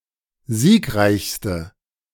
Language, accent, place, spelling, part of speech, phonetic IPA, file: German, Germany, Berlin, siegreichste, adjective, [ˈziːkˌʁaɪ̯çstə], De-siegreichste.ogg
- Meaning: inflection of siegreich: 1. strong/mixed nominative/accusative feminine singular superlative degree 2. strong nominative/accusative plural superlative degree